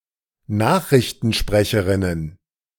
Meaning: plural of Nachrichtensprecherin
- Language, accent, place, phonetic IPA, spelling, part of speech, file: German, Germany, Berlin, [ˈnaːxʁɪçtn̩ˌʃpʁɛçəʁɪnən], Nachrichtensprecherinnen, noun, De-Nachrichtensprecherinnen.ogg